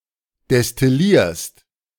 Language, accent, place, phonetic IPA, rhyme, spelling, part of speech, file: German, Germany, Berlin, [dɛstɪˈliːɐ̯st], -iːɐ̯st, destillierst, verb, De-destillierst.ogg
- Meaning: second-person singular present of destillieren